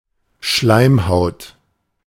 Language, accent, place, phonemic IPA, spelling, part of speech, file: German, Germany, Berlin, /ˈʃlaɪ̯mhaʊ̯t/, Schleimhaut, noun, De-Schleimhaut.ogg
- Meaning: mucous membrane, mucosa